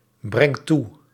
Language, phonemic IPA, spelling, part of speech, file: Dutch, /ˈbrɛŋt ˈtu/, brengt toe, verb, Nl-brengt toe.ogg
- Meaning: inflection of toebrengen: 1. second/third-person singular present indicative 2. plural imperative